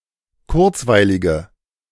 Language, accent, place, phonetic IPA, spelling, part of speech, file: German, Germany, Berlin, [ˈkʊʁt͡svaɪ̯lɪɡə], kurzweilige, adjective, De-kurzweilige.ogg
- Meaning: inflection of kurzweilig: 1. strong/mixed nominative/accusative feminine singular 2. strong nominative/accusative plural 3. weak nominative all-gender singular